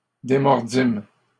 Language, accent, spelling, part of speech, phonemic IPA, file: French, Canada, démordîmes, verb, /de.mɔʁ.dim/, LL-Q150 (fra)-démordîmes.wav
- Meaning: first-person plural past historic of démordre